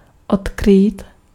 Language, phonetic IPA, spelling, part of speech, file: Czech, [ˈotkriːt], odkrýt, verb, Cs-odkrýt.ogg
- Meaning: to uncover, to unearth